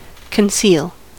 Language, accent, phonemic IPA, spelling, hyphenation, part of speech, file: English, General American, /kənˈsil/, conceal, con‧ceal, verb, En-us-conceal.ogg
- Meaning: To hide something from view or from public knowledge, to try to keep something secret